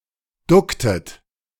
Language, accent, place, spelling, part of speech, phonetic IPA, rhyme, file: German, Germany, Berlin, ducktet, verb, [ˈdʊktət], -ʊktət, De-ducktet.ogg
- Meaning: inflection of ducken: 1. second-person plural preterite 2. second-person plural subjunctive II